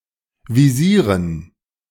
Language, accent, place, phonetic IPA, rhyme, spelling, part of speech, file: German, Germany, Berlin, [viˈziːʁən], -iːʁən, Visieren, noun, De-Visieren.ogg
- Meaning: dative plural of Visier